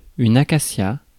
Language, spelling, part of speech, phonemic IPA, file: French, acacia, noun, /a.ka.sja/, Fr-acacia.ogg
- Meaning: acacia